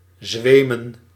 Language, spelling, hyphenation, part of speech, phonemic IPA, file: Dutch, zwemen, zwe‧men, verb / noun, /ˈzʋeː.mə(n)/, Nl-zwemen.ogg
- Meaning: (verb) to seem; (noun) plural of zweem